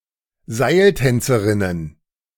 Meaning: plural of Seiltänzerin
- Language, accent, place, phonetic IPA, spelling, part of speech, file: German, Germany, Berlin, [ˈzaɪ̯lˌtɛnt͡səʁɪnən], Seiltänzerinnen, noun, De-Seiltänzerinnen.ogg